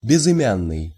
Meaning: anonymous, nameless
- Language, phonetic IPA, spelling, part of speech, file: Russian, [bʲɪzɨˈmʲanːɨj], безымянный, adjective, Ru-безымянный.ogg